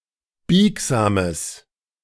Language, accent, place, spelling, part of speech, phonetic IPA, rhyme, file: German, Germany, Berlin, biegsames, adjective, [ˈbiːkzaːməs], -iːkzaːməs, De-biegsames.ogg
- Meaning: strong/mixed nominative/accusative neuter singular of biegsam